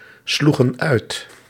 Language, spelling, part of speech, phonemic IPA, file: Dutch, sloegen uit, verb, /ˈsluɣə(n) ˈœyt/, Nl-sloegen uit.ogg
- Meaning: inflection of uitslaan: 1. plural past indicative 2. plural past subjunctive